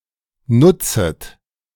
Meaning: second-person plural subjunctive I of nutzen
- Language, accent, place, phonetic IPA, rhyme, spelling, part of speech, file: German, Germany, Berlin, [ˈnʊt͡sət], -ʊt͡sət, nutzet, verb, De-nutzet.ogg